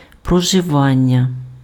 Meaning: 1. living (at some place) 2. habitation (act or state of inhabiting)
- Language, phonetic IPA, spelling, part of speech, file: Ukrainian, [prɔʒeˈʋanʲːɐ], проживання, noun, Uk-проживання.ogg